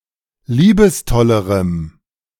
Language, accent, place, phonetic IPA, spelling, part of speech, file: German, Germany, Berlin, [ˈliːbəsˌtɔləʁəm], liebestollerem, adjective, De-liebestollerem.ogg
- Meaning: strong dative masculine/neuter singular comparative degree of liebestoll